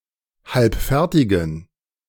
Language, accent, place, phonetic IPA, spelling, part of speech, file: German, Germany, Berlin, [ˈhalpˌfɛʁtɪɡn̩], halbfertigen, adjective, De-halbfertigen.ogg
- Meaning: inflection of halbfertig: 1. strong genitive masculine/neuter singular 2. weak/mixed genitive/dative all-gender singular 3. strong/weak/mixed accusative masculine singular 4. strong dative plural